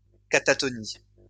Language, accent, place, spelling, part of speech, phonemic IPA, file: French, France, Lyon, catatonie, noun, /ka.ta.tɔ.ni/, LL-Q150 (fra)-catatonie.wav
- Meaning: catatonia